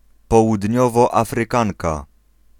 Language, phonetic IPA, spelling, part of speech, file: Polish, [ˌpɔwudʲˈɲɔvɔˌafrɨˈkãŋka], Południowoafrykanka, noun, Pl-Południowoafrykanka.ogg